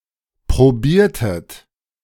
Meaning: inflection of probieren: 1. second-person plural preterite 2. second-person plural subjunctive II
- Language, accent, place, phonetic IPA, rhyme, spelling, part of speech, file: German, Germany, Berlin, [pʁoˈbiːɐ̯tət], -iːɐ̯tət, probiertet, verb, De-probiertet.ogg